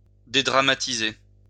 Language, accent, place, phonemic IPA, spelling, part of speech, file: French, France, Lyon, /de.dʁa.ma.ti.ze/, dédramatiser, verb, LL-Q150 (fra)-dédramatiser.wav
- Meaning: 1. to play down 2. to make less dramatic or daunting